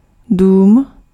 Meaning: 1. house (building, structure intended for housing) 2. house (an institution that provides certain services or serves various purposes and activities)
- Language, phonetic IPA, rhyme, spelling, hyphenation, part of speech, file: Czech, [ˈduːm], -uːm, dům, dům, noun, Cs-dům.ogg